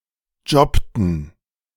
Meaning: inflection of jobben: 1. first/third-person plural preterite 2. first/third-person plural subjunctive II
- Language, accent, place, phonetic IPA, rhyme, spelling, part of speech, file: German, Germany, Berlin, [ˈd͡ʒɔptn̩], -ɔptn̩, jobbten, verb, De-jobbten.ogg